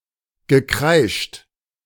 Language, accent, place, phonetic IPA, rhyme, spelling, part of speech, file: German, Germany, Berlin, [ɡəˈkʁaɪ̯ʃt], -aɪ̯ʃt, gekreischt, verb, De-gekreischt.ogg
- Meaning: past participle of kreischen